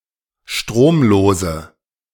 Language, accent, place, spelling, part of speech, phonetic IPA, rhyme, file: German, Germany, Berlin, stromlose, adjective, [ˈʃtʁoːmˌloːzə], -oːmloːzə, De-stromlose.ogg
- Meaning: inflection of stromlos: 1. strong/mixed nominative/accusative feminine singular 2. strong nominative/accusative plural 3. weak nominative all-gender singular